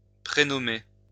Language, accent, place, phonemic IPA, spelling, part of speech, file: French, France, Lyon, /pʁe.nɔ.me/, prénommer, verb, LL-Q150 (fra)-prénommer.wav
- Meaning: to give a first name to someone; to call someone by their first name